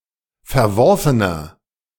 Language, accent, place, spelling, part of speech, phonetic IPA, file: German, Germany, Berlin, verworfener, adjective, [fɛɐ̯ˈvɔʁfənɐ], De-verworfener.ogg
- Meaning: 1. comparative degree of verworfen 2. inflection of verworfen: strong/mixed nominative masculine singular 3. inflection of verworfen: strong genitive/dative feminine singular